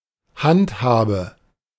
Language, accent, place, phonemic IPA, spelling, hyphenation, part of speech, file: German, Germany, Berlin, /ˈhantˌhaːbə/, Handhabe, Hand‧habe, noun, De-Handhabe.ogg
- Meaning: 1. handle 2. hold, action